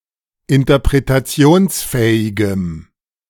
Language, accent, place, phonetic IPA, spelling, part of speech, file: German, Germany, Berlin, [ɪntɐpʁetaˈt͡si̯oːnsˌfɛːɪɡəm], interpretationsfähigem, adjective, De-interpretationsfähigem.ogg
- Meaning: strong dative masculine/neuter singular of interpretationsfähig